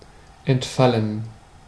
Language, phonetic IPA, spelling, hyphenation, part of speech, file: German, [ʔɛntˈfalən], entfallen, ent‧fal‧len, verb / adjective, De-entfallen.ogg
- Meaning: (verb) 1. to drop or be dropped 2. to lapse or be cancelled 3. to slip one's memory 4. past participle of entfallen; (adjective) 1. omitted 2. cancelled